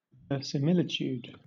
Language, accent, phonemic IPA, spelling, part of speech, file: English, Southern England, /vɛɹɪsɪˈmɪlɪtjuːd/, verisimilitude, noun, LL-Q1860 (eng)-verisimilitude.wav
- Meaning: 1. The property of seeming true, of resembling reality; resemblance to reality 2. A statement which merely appears to be true 3. Faithfulness to its own rules; internal cohesion